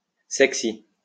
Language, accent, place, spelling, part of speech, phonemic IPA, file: French, France, Lyon, sexy, adjective, /sɛk.si/, LL-Q150 (fra)-sexy.wav
- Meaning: sexy